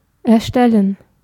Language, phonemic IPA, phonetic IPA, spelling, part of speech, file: German, /ɛʁˈʃtɛlən/, [ʔɛɐ̯ˈʃtɛln̩], erstellen, verb, De-erstellen.ogg
- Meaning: 1. to create 2. to construct